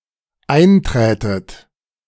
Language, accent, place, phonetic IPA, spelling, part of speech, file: German, Germany, Berlin, [ˈaɪ̯nˌtʁɛːtət], einträtet, verb, De-einträtet.ogg
- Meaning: second-person plural dependent subjunctive II of eintreten